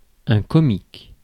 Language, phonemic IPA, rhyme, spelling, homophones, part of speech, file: French, /kɔ.mik/, -ik, comique, comiques, adjective / noun, Fr-comique.ogg
- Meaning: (adjective) comic; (noun) 1. comedy 2. clown (person who acts silly)